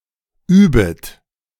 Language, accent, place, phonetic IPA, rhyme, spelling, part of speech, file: German, Germany, Berlin, [ˈyːbət], -yːbət, übet, verb, De-übet.ogg
- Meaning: second-person plural subjunctive I of üben